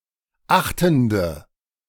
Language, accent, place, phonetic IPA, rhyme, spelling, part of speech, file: German, Germany, Berlin, [ˈaxtn̩də], -axtn̩də, achtende, adjective, De-achtende.ogg
- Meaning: inflection of achtend: 1. strong/mixed nominative/accusative feminine singular 2. strong nominative/accusative plural 3. weak nominative all-gender singular 4. weak accusative feminine/neuter singular